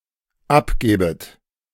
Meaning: second-person plural dependent subjunctive II of abgeben
- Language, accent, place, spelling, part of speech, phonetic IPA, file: German, Germany, Berlin, abgäbet, verb, [ˈapˌɡɛːbət], De-abgäbet.ogg